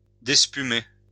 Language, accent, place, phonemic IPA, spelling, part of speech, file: French, France, Lyon, /dɛs.py.me/, despumer, verb, LL-Q150 (fra)-despumer.wav
- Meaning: synonym of écumer